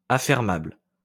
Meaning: leasable
- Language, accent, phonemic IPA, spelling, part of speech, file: French, France, /a.fɛʁ.mabl/, affermable, adjective, LL-Q150 (fra)-affermable.wav